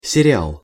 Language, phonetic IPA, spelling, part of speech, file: Russian, [sʲɪrʲɪˈaɫ], сериал, noun, Ru-сериал.ogg
- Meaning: series (television program)